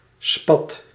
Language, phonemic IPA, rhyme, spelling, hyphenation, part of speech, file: Dutch, /spɑt/, -ɑt, spat, spat, noun / verb, Nl-spat.ogg
- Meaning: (noun) 1. blowgun 2. spot, speckle, stain; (verb) inflection of spatten: 1. first/second/third-person singular present indicative 2. imperative